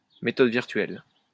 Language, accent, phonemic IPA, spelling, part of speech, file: French, France, /me.tɔd viʁ.tɥɛl/, méthode virtuelle, noun, LL-Q150 (fra)-méthode virtuelle.wav
- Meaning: virtual method